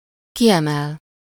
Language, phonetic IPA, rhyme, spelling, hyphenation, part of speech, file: Hungarian, [ˈkijɛmɛl], -ɛl, kiemel, ki‧emel, verb, Hu-kiemel.ogg
- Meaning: 1. to lift out, to raise, to pull out, to take out (followed by -ból/-ből) 2. to stress, to highlight, to emphasize, to underline, to accentuate